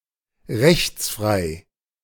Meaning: 1. extralegal, extrajudicial 2. lawless
- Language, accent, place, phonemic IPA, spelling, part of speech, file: German, Germany, Berlin, /ˈʁɛçt͡sˌfʁaɪ̯/, rechtsfrei, adjective, De-rechtsfrei.ogg